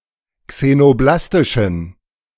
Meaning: inflection of xenoblastisch: 1. strong genitive masculine/neuter singular 2. weak/mixed genitive/dative all-gender singular 3. strong/weak/mixed accusative masculine singular 4. strong dative plural
- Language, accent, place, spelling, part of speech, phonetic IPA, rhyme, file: German, Germany, Berlin, xenoblastischen, adjective, [ksenoˈblastɪʃn̩], -astɪʃn̩, De-xenoblastischen.ogg